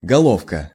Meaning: 1. endearing diminutive of голова́ (golová): small head 2. head (of pin, hammer, nail, etc.) 3. bulb, clove (onion, garlic, etc.)
- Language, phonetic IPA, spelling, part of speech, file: Russian, [ɡɐˈɫofkə], головка, noun, Ru-головка.ogg